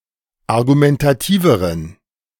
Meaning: inflection of argumentativ: 1. strong genitive masculine/neuter singular comparative degree 2. weak/mixed genitive/dative all-gender singular comparative degree
- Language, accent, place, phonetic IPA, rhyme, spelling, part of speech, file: German, Germany, Berlin, [aʁɡumɛntaˈtiːvəʁən], -iːvəʁən, argumentativeren, adjective, De-argumentativeren.ogg